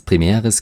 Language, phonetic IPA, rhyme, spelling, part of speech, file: German, [pʁiˈmɛːʁəs], -ɛːʁəs, primäres, adjective, De-primäres.ogg
- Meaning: strong/mixed nominative/accusative neuter singular of primär